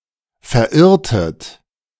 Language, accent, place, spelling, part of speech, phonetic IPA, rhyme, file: German, Germany, Berlin, verirrtet, verb, [fɛɐ̯ˈʔɪʁtət], -ɪʁtət, De-verirrtet.ogg
- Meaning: inflection of verirren: 1. second-person plural preterite 2. second-person plural subjunctive II